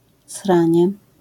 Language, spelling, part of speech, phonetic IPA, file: Polish, sranie, noun, [ˈsrãɲɛ], LL-Q809 (pol)-sranie.wav